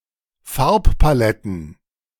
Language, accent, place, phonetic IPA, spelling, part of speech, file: German, Germany, Berlin, [ˈfaʁppaˌlɛtn̩], Farbpaletten, noun, De-Farbpaletten.ogg
- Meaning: plural of Farbpalette